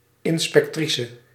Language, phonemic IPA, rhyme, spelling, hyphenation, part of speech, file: Dutch, /ˌɪn.spɛkˈtri.sə/, -isə, inspectrice, in‧spec‧tri‧ce, noun, Nl-inspectrice.ogg
- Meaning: female equivalent of inspecteur